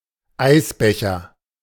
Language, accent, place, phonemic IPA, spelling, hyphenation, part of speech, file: German, Germany, Berlin, /ˈaɪ̯sˌbɛçɐ/, Eisbecher, Eis‧be‧cher, noun, De-Eisbecher.ogg
- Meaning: sundae, ice cream cup